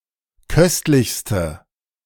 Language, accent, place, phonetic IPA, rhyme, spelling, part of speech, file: German, Germany, Berlin, [ˈkœstlɪçstə], -œstlɪçstə, köstlichste, adjective, De-köstlichste.ogg
- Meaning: inflection of köstlich: 1. strong/mixed nominative/accusative feminine singular superlative degree 2. strong nominative/accusative plural superlative degree